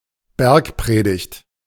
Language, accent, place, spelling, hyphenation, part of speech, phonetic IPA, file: German, Germany, Berlin, Bergpredigt, Berg‧pre‧digt, proper noun, [ˈbɛʁkˌpʀeːdɪçt], De-Bergpredigt.ogg
- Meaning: Sermon on the Mount